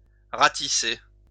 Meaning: 1. to rake (to use a rake to collect things together) 2. to comb through, to comb over, to fine-tooth comb, to trawl
- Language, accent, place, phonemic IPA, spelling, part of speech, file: French, France, Lyon, /ʁa.ti.se/, ratisser, verb, LL-Q150 (fra)-ratisser.wav